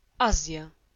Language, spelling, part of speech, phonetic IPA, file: Polish, Azja, proper noun, [ˈazʲja], Pl-Azja.ogg